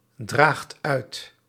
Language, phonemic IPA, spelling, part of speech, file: Dutch, /ˈdraxt ˈœyt/, draagt uit, verb, Nl-draagt uit.ogg
- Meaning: inflection of uitdragen: 1. second/third-person singular present indicative 2. plural imperative